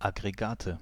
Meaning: nominative/accusative/genitive plural of Aggregat
- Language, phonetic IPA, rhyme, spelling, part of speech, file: German, [ˌaɡʁeˈɡaːtə], -aːtə, Aggregate, noun, De-Aggregate.ogg